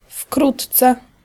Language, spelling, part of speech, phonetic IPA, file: Polish, wkrótce, adverb, [ˈfkrutt͡sɛ], Pl-wkrótce.ogg